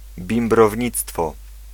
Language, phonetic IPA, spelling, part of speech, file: Polish, [ˌbʲĩmbrɔvʲˈɲit͡stfɔ], bimbrownictwo, noun, Pl-bimbrownictwo.ogg